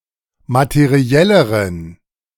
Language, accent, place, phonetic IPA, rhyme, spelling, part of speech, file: German, Germany, Berlin, [matəˈʁi̯ɛləʁən], -ɛləʁən, materielleren, adjective, De-materielleren.ogg
- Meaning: inflection of materiell: 1. strong genitive masculine/neuter singular comparative degree 2. weak/mixed genitive/dative all-gender singular comparative degree